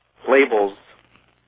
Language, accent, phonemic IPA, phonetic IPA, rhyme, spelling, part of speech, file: English, US, /ˈleɪ.bəlz/, [ˈleɪ.bɫ̩z], -eɪbəlz, labels, noun / verb, En-us-labels.ogg
- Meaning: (noun) plural of label; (verb) third-person singular simple present indicative of label